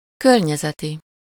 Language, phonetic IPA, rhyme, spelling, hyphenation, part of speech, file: Hungarian, [ˈkørɲɛzɛti], -ti, környezeti, kör‧nye‧ze‧ti, adjective, Hu-környezeti.ogg
- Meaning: environmental